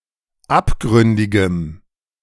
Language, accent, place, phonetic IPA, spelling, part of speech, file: German, Germany, Berlin, [ˈapˌɡʁʏndɪɡəm], abgründigem, adjective, De-abgründigem.ogg
- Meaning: strong dative masculine/neuter singular of abgründig